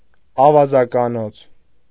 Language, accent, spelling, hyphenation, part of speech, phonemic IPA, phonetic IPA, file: Armenian, Eastern Armenian, ավազականոց, ա‧վա‧զա‧կա‧նոց, noun, /ɑvɑzɑkɑˈnot͡sʰ/, [ɑvɑzɑkɑnót͡sʰ], Hy-ավազականոց.ogg
- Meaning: den of thieves, den of robbers